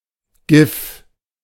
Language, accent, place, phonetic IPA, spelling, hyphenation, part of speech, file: German, Germany, Berlin, [ɡɪf], GIF, GIF, noun, De-GIF.ogg
- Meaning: GIF